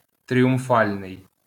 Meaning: triumphal
- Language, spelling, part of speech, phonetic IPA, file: Ukrainian, тріумфальний, adjective, [tʲrʲiʊmˈfalʲnei̯], LL-Q8798 (ukr)-тріумфальний.wav